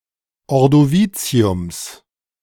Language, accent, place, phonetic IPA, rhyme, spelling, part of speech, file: German, Germany, Berlin, [ɔʁdoˈviːt͡si̯ʊms], -iːt͡si̯ʊms, Ordoviziums, noun, De-Ordoviziums.ogg
- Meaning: genitive singular of Ordovizium